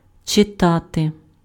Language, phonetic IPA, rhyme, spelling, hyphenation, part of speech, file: Ukrainian, [t͡ʃeˈtate], -ate, читати, чи‧та‧ти, verb, Uk-читати.ogg
- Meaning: to read